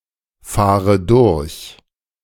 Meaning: inflection of durchfahren: 1. first-person singular present 2. first/third-person singular subjunctive I 3. singular imperative
- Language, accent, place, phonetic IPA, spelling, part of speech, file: German, Germany, Berlin, [ˌfaːʁə ˈdʊʁç], fahre durch, verb, De-fahre durch.ogg